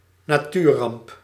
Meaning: natural disaster
- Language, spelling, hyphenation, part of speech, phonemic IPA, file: Dutch, natuurramp, na‧tuur‧ramp, noun, /naˈtyrɑmp/, Nl-natuurramp.ogg